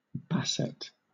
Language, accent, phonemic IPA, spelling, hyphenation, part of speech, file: English, Southern England, /ˈbæsət/, Bassett, Bas‧sett, proper noun, LL-Q1860 (eng)-Bassett.wav
- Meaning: An English surname transferred from the nickname derived from a nickname for a short person